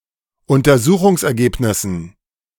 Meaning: dative plural of Untersuchungsergebnis
- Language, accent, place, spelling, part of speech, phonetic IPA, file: German, Germany, Berlin, Untersuchungsergebnissen, noun, [ʊntɐˈzuːxʊŋsʔɛɐ̯ˌɡeːpnɪsn̩], De-Untersuchungsergebnissen.ogg